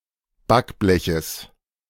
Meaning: genitive of Backblech
- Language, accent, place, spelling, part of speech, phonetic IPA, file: German, Germany, Berlin, Backbleches, noun, [ˈbakˌblɛçəs], De-Backbleches.ogg